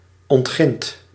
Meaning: inflection of ontginnen: 1. second/third-person singular present indicative 2. plural imperative
- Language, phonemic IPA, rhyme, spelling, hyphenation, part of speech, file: Dutch, /ɔntˈxɪnt/, -ɪnt, ontgint, ont‧gint, verb, Nl-ontgint.ogg